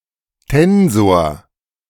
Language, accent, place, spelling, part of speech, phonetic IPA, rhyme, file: German, Germany, Berlin, Tensor, noun, [ˈtɛnzoːɐ̯], -ɛnzoːɐ̯, De-Tensor.ogg
- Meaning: tensor